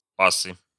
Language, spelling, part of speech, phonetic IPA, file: Russian, пасы, noun, [ˈpasɨ], Ru-пасы.ogg
- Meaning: nominative/accusative plural of пас (pas)